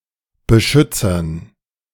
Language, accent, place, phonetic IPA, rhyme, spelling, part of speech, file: German, Germany, Berlin, [bəˈʃʏt͡sɐn], -ʏt͡sɐn, Beschützern, noun, De-Beschützern.ogg
- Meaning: dative plural of Beschützer